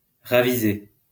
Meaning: past participle of raviser
- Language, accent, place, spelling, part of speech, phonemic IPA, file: French, France, Lyon, ravisé, verb, /ʁa.vi.ze/, LL-Q150 (fra)-ravisé.wav